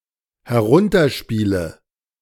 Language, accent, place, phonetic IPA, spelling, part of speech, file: German, Germany, Berlin, [hɛˈʁʊntɐˌʃpiːlə], herunterspiele, verb, De-herunterspiele.ogg
- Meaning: inflection of herunterspielen: 1. first-person singular dependent present 2. first/third-person singular dependent subjunctive I